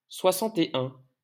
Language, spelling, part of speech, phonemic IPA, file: French, soixante-et-un, numeral, /swa.sɑ̃.te.œ̃/, LL-Q150 (fra)-soixante-et-un.wav
- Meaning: post-1990 spelling of soixante et un